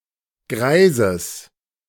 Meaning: strong/mixed nominative/accusative neuter singular of greis
- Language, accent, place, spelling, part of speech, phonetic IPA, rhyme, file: German, Germany, Berlin, greises, adjective, [ˈɡʁaɪ̯zəs], -aɪ̯zəs, De-greises.ogg